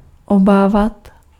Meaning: to be afraid of, to fear, to worry
- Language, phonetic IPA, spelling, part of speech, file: Czech, [ˈobaːvat], obávat, verb, Cs-obávat.ogg